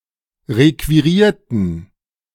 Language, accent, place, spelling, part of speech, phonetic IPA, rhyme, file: German, Germany, Berlin, requirierten, adjective / verb, [ˌʁekviˈʁiːɐ̯tn̩], -iːɐ̯tn̩, De-requirierten.ogg
- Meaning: inflection of requirieren: 1. first/third-person plural preterite 2. first/third-person plural subjunctive II